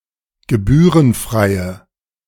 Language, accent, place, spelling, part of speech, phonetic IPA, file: German, Germany, Berlin, gebührenfreie, adjective, [ɡəˈbyːʁənˌfʁaɪ̯ə], De-gebührenfreie.ogg
- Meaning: inflection of gebührenfrei: 1. strong/mixed nominative/accusative feminine singular 2. strong nominative/accusative plural 3. weak nominative all-gender singular